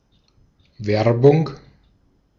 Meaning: 1. promotion, solicitation, recruitment 2. commercial advertisement 3. advertising
- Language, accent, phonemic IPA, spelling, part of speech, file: German, Austria, /ˈvɛrbʊŋ/, Werbung, noun, De-at-Werbung.ogg